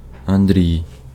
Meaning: 1. a male given name, Andriy, equivalent to English Andrew, Russian Андрей (Andrej), or Belarusian Andrei 2. a transliteration of the Russian male given name Андре́й (Andréj), equivalent to Andrew
- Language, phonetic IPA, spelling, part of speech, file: Ukrainian, [ɐnˈdʲrʲii̯], Андрій, proper noun, Uk-Андрій.ogg